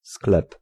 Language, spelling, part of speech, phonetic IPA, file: Polish, sklep, noun / verb, [sklɛp], Pl-sklep.ogg